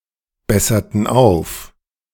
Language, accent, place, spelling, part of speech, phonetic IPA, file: German, Germany, Berlin, besserten auf, verb, [ˌbɛsɐtn̩ ˈaʊ̯f], De-besserten auf.ogg
- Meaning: inflection of aufbessern: 1. first/third-person plural preterite 2. first/third-person plural subjunctive II